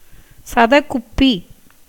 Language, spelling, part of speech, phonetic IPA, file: Tamil, சதகுப்பி, noun, [sadəɣʉpːɨ], Ta-சதகுப்பி.ogg
- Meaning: dill (Anethum graveolens, syn. A. sowa)